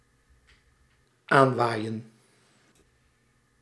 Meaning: 1. to arrive by being blown by the wind 2. to be achieved or gained with little effort
- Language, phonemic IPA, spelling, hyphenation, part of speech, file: Dutch, /ˈaːnˌʋaːi̯.ə(n)/, aanwaaien, aan‧waai‧en, verb, Nl-aanwaaien.ogg